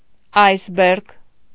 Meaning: iceberg
- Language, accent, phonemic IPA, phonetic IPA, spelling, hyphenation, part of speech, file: Armenian, Eastern Armenian, /ɑjsˈbeɾɡ/, [ɑjsbéɾɡ], այսբերգ, այս‧բերգ, noun, Hy-այսբերգ.ogg